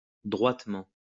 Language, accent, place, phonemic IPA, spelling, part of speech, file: French, France, Lyon, /dʁwat.mɑ̃/, droitement, adverb, LL-Q150 (fra)-droitement.wav
- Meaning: 1. straight; straightly 2. correctly; properly; rightly